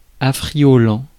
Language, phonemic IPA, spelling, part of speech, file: French, /a.fʁi.jɔ.lɑ̃/, affriolant, verb / adjective, Fr-affriolant.ogg
- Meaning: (verb) present participle of affrioler; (adjective) alluring, enticing